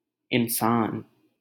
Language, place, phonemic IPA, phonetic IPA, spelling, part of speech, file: Hindi, Delhi, /ɪn.sɑːn/, [ɪ̃n.sä̃ːn], इंसान, noun, LL-Q1568 (hin)-इंसान.wav
- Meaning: human, man